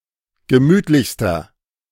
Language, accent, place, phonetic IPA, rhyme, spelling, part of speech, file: German, Germany, Berlin, [ɡəˈmyːtlɪçstɐ], -yːtlɪçstɐ, gemütlichster, adjective, De-gemütlichster.ogg
- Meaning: inflection of gemütlich: 1. strong/mixed nominative masculine singular superlative degree 2. strong genitive/dative feminine singular superlative degree 3. strong genitive plural superlative degree